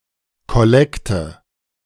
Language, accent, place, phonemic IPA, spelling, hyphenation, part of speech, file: German, Germany, Berlin, /kɔˈlɛktə/, Kollekte, Kol‧lek‧te, noun, De-Kollekte.ogg
- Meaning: collection (money collected during or after a church service)